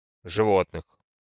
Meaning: genitive/accusative/prepositional plural of живо́тное (živótnoje)
- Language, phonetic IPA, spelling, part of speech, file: Russian, [ʐɨˈvotnɨx], животных, noun, Ru-животных.ogg